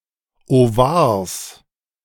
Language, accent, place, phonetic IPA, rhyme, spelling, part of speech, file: German, Germany, Berlin, [oˈvaːɐ̯s], -aːɐ̯s, Ovars, noun, De-Ovars.ogg
- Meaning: genitive singular of Ovar